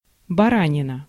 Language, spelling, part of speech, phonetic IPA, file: Russian, баранина, noun, [bɐˈranʲɪnə], Ru-баранина.ogg
- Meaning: mutton, lamb (the meat of sheep)